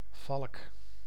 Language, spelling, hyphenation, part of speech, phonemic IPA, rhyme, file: Dutch, valk, valk, noun, /vɑlk/, -ɑlk, Nl-valk.ogg
- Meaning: 1. a falcon, bird of the family Falconidae, in particular of the genus Falco 2. a type of sailboat (see picture)